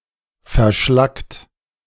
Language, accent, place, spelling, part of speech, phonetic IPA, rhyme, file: German, Germany, Berlin, verschlackt, verb, [fɛɐ̯ˈʃlakt], -akt, De-verschlackt.ogg
- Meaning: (verb) past participle of verschlacken; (adjective) 1. scoriaceous 2. slagged